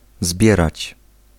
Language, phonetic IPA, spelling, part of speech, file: Polish, [ˈzbʲjɛrat͡ɕ], zbierać, verb, Pl-zbierać.ogg